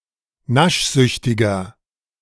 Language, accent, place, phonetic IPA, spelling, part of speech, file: German, Germany, Berlin, [ˈnaʃˌzʏçtɪɡɐ], naschsüchtiger, adjective, De-naschsüchtiger.ogg
- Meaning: 1. comparative degree of naschsüchtig 2. inflection of naschsüchtig: strong/mixed nominative masculine singular 3. inflection of naschsüchtig: strong genitive/dative feminine singular